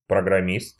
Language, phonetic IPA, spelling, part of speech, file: Russian, [prəɡrɐˈmʲist], программист, noun, Ru-программист.ogg
- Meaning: programmer (one who designs software)